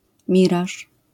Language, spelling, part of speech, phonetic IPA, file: Polish, miraż, noun, [ˈmʲiraʃ], LL-Q809 (pol)-miraż.wav